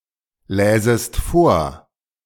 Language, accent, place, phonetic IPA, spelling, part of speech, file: German, Germany, Berlin, [ˌlɛːzəst ˈfoːɐ̯], läsest vor, verb, De-läsest vor.ogg
- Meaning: second-person singular subjunctive II of vorlesen